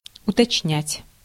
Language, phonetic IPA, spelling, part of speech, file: Russian, [ʊtɐt͡ɕˈnʲætʲ], уточнять, verb, Ru-уточнять.ogg
- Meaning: 1. to specify, to make more exact/precise 2. to inquire, to clarify by inquiring